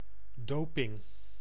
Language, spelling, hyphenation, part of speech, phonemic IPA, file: Dutch, doping, do‧ping, noun, /ˈdoː.pɪŋ/, Nl-doping.ogg
- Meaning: doping